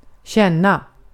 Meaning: 1. to feel, to sense 2. to know (a person)
- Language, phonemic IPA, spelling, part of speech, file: Swedish, /ˈɕɛn.na/, känna, verb, Sv-känna.ogg